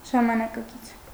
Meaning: 1. contemporary 2. modern
- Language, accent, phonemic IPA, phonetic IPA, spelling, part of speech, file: Armenian, Eastern Armenian, /ʒɑmɑnɑkɑˈkit͡sʰ/, [ʒɑmɑnɑkɑkít͡sʰ], ժամանակակից, adjective, Hy-ժամանակակից.ogg